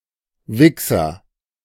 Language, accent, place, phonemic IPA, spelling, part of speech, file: German, Germany, Berlin, /ˈvɪksɐ/, Wichser, noun, De-Wichser.ogg
- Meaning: 1. wanker, jerk, tosser (a habitual masturbator) 2. wanker, asshole, bastard, motherfucker (an annoying, irritating or despised person)